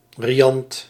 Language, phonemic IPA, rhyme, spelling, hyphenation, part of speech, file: Dutch, /riˈɑnt/, -ɑnt, riant, ri‧ant, adjective, Nl-riant.ogg
- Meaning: 1. lavish, splendid, spacious, luxurious 2. decisive, overwhelming, convincing 3. cheerful, riant